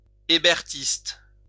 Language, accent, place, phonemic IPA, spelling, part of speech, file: French, France, Lyon, /e.bɛʁ.tist/, hébertiste, adjective / noun, LL-Q150 (fra)-hébertiste.wav
- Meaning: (adjective) following or supporting the ideas of Jacques Hébert (1757–1794), a radical newspaper editor during the French Revolution; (noun) follower of Jacques Hébert